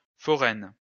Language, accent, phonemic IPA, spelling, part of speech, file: French, France, /fɔ.ʁɛn/, foraine, adjective, LL-Q150 (fra)-foraine.wav
- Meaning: feminine singular of forain